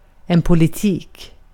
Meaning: 1. politics 2. policy
- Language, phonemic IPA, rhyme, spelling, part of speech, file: Swedish, /pʊlɪˈtiːk/, -iːk, politik, noun, Sv-politik.ogg